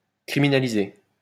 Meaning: to criminalise
- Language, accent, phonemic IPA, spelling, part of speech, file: French, France, /kʁi.mi.na.li.ze/, criminaliser, verb, LL-Q150 (fra)-criminaliser.wav